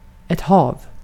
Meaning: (noun) sea, ocean; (verb) imperative of hava
- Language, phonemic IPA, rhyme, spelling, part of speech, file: Swedish, /hɑːv/, -ɑːv, hav, noun / verb, Sv-hav.ogg